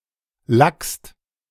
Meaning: second-person singular present of lacken
- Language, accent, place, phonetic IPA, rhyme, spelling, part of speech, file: German, Germany, Berlin, [lakst], -akst, lackst, verb, De-lackst.ogg